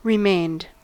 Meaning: simple past and past participle of remain
- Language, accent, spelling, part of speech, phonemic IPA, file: English, US, remained, verb, /ɹɪˈmeɪnd/, En-us-remained.ogg